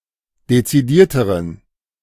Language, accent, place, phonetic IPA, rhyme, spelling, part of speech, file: German, Germany, Berlin, [det͡siˈdiːɐ̯təʁən], -iːɐ̯təʁən, dezidierteren, adjective, De-dezidierteren.ogg
- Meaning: inflection of dezidiert: 1. strong genitive masculine/neuter singular comparative degree 2. weak/mixed genitive/dative all-gender singular comparative degree